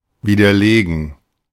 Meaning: to disprove, to refute
- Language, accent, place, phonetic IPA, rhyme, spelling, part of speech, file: German, Germany, Berlin, [ˌviːdɐˈleːɡn̩], -eːɡn̩, widerlegen, verb, De-widerlegen.ogg